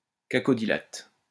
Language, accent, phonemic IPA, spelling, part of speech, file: French, France, /ka.kɔ.di.lat/, cacodylate, noun, LL-Q150 (fra)-cacodylate.wav
- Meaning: cacodylate